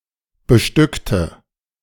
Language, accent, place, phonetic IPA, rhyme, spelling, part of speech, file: German, Germany, Berlin, [bəˈʃtʏktə], -ʏktə, bestückte, adjective / verb, De-bestückte.ogg
- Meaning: inflection of bestücken: 1. first/third-person singular preterite 2. first/third-person singular subjunctive II